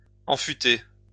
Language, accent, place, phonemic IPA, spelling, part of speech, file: French, France, Lyon, /ɑ̃.fy.te/, enfûter, verb, LL-Q150 (fra)-enfûter.wav
- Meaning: to put into a keg; cask or barrel